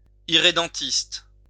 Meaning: irredentist
- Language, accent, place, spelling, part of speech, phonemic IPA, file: French, France, Lyon, irrédentiste, noun, /i.ʁe.dɑ̃.tist/, LL-Q150 (fra)-irrédentiste.wav